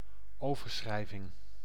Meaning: 1. a remittance, giro, payment by transfer to another (bank) account 2. the document (form, slip) by which such transfer is effectuated
- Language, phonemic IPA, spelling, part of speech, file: Dutch, /ˈoː.vərˌsxrɛɪ.vɪŋ/, overschrijving, noun, Nl-overschrijving.ogg